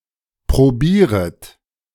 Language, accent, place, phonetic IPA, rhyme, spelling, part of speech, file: German, Germany, Berlin, [pʁoˈbiːʁət], -iːʁət, probieret, verb, De-probieret.ogg
- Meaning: second-person plural subjunctive I of probieren